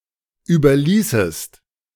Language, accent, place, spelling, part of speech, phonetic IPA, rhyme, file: German, Germany, Berlin, überließest, verb, [ˌyːbɐˈliːsəst], -iːsəst, De-überließest.ogg
- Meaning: second-person singular subjunctive II of überlassen